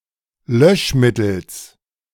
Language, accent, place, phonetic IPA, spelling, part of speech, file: German, Germany, Berlin, [ˈlœʃˌmɪtl̩s], Löschmittels, noun, De-Löschmittels.ogg
- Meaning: genitive singular of Löschmittel